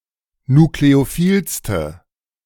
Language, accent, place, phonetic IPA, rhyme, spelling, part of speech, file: German, Germany, Berlin, [nukleoˈfiːlstə], -iːlstə, nukleophilste, adjective, De-nukleophilste.ogg
- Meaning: inflection of nukleophil: 1. strong/mixed nominative/accusative feminine singular superlative degree 2. strong nominative/accusative plural superlative degree